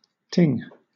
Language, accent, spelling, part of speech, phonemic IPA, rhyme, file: English, Southern England, ting, interjection / noun / verb, /tɪŋ/, -ɪŋ, LL-Q1860 (eng)-ting.wav
- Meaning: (interjection) Representing a high-pitched sharp sound like a small bell being struck; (noun) A high-pitched sharp sound like a small bell being struck